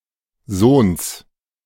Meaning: masculine genitive singular of Sohn
- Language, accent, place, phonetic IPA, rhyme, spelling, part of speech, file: German, Germany, Berlin, [zoːns], -oːns, Sohns, noun, De-Sohns.ogg